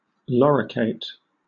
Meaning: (verb) To cover with some protecting substance, as with lute, a crust, coating, or plates; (adjective) Possessing a lorica (enclosing shell)
- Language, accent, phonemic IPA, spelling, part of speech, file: English, Southern England, /ˈlɒɹɪkeɪt/, loricate, verb / adjective / noun, LL-Q1860 (eng)-loricate.wav